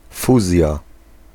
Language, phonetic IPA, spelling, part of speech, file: Polish, [ˈfuzʲja], fuzja, noun, Pl-fuzja.ogg